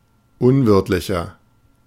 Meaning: 1. comparative degree of unwirtlich 2. inflection of unwirtlich: strong/mixed nominative masculine singular 3. inflection of unwirtlich: strong genitive/dative feminine singular
- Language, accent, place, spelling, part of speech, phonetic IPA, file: German, Germany, Berlin, unwirtlicher, adjective, [ˈʊnˌvɪʁtlɪçɐ], De-unwirtlicher.ogg